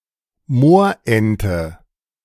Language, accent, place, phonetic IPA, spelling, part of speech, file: German, Germany, Berlin, [ˈmoːɐ̯ˌʔɛntə], Moorente, noun, De-Moorente.ogg
- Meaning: ferruginous duck (Aythya nyroca)